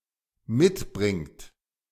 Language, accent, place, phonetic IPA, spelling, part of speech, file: German, Germany, Berlin, [ˈmɪtˌbʁɪŋt], mitbringt, verb, De-mitbringt.ogg
- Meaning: inflection of mitbringen: 1. third-person singular dependent present 2. second-person plural dependent present